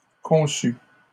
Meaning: feminine singular of conçu
- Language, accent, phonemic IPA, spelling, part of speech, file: French, Canada, /kɔ̃.sy/, conçue, verb, LL-Q150 (fra)-conçue.wav